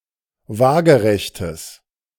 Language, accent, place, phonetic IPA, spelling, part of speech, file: German, Germany, Berlin, [ˈvaːɡəʁɛçtəs], waagerechtes, adjective, De-waagerechtes.ogg
- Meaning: strong/mixed nominative/accusative neuter singular of waagerecht